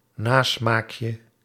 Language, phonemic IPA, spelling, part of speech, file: Dutch, /ˈnasmakjə/, nasmaakje, noun, Nl-nasmaakje.ogg
- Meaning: diminutive of nasmaak